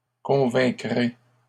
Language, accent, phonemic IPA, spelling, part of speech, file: French, Canada, /kɔ̃.vɛ̃.kʁe/, convaincrai, verb, LL-Q150 (fra)-convaincrai.wav
- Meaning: first-person singular future of convaincre